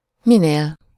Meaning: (pronoun) adessive singular of mi; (adverb) 1. as much as possible, as …… as possible (followed by a comparative adjective or adverb) 2. the ……-er the ……-er, the more/less …… the more/less ……
- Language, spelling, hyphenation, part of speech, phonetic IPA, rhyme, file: Hungarian, minél, mi‧nél, pronoun / adverb, [ˈmineːl], -eːl, Hu-minél.ogg